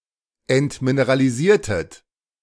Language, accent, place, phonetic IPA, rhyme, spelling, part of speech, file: German, Germany, Berlin, [ɛntmineʁaliˈziːɐ̯tət], -iːɐ̯tət, entmineralisiertet, verb, De-entmineralisiertet.ogg
- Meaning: inflection of entmineralisieren: 1. second-person plural preterite 2. second-person plural subjunctive II